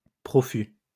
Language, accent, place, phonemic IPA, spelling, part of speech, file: French, France, Lyon, /pʁɔ.fy/, profus, adjective, LL-Q150 (fra)-profus.wav
- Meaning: profuse